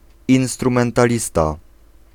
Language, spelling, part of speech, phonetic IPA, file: Polish, instrumentalista, noun, [ˌĩw̃strũmɛ̃ntaˈlʲista], Pl-instrumentalista.ogg